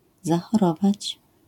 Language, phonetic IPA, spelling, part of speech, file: Polish, [ˌzaxɔˈrɔvat͡ɕ], zachorować, verb, LL-Q809 (pol)-zachorować.wav